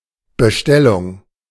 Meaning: 1. order, request for a product 2. purchase order
- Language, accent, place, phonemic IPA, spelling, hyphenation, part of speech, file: German, Germany, Berlin, /bəˈʃtɛlʊŋ/, Bestellung, Be‧stel‧lung, noun, De-Bestellung.ogg